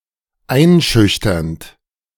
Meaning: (verb) present participle of einschüchtern; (adjective) intimidating, daunting; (adverb) intimidatingly
- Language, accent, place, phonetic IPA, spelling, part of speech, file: German, Germany, Berlin, [ˈaɪ̯nˌʃʏçtɐnt], einschüchternd, verb, De-einschüchternd.ogg